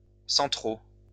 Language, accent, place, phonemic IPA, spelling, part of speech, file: French, France, Lyon, /sɑ̃.tʁo/, centraux, adjective, LL-Q150 (fra)-centraux.wav
- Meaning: masculine plural of central